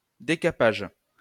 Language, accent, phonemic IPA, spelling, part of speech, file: French, France, /de.ka.paʒ/, décapage, noun, LL-Q150 (fra)-décapage.wav
- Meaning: scouring, stripping (material from a surface)